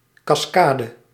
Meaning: cascade (waterfall or series of small waterfalls)
- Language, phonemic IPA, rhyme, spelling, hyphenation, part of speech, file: Dutch, /ˌkɑsˈkaː.də/, -aːdə, cascade, cas‧ca‧de, noun, Nl-cascade.ogg